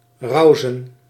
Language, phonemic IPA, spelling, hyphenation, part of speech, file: Dutch, /ˈrɑu̯.zə(n)/, rauzen, rau‧zen, verb, Nl-rauzen.ogg
- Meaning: 1. to rage, to be noisy and agitated 2. to move fast and recklessly, e.g. without regard for others